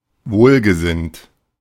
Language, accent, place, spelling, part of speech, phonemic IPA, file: German, Germany, Berlin, wohlgesinnt, adjective, /ˈvoːlɡəˌzɪnt/, De-wohlgesinnt.ogg
- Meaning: well-disposed, well-meaning, well-intentioned